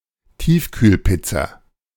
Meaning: frozen pizza
- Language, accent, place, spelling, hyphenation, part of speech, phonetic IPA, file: German, Germany, Berlin, Tiefkühlpizza, Tief‧kühl‧piz‧za, noun, [ˈtiːfkyːlˌpɪt͡sa], De-Tiefkühlpizza.ogg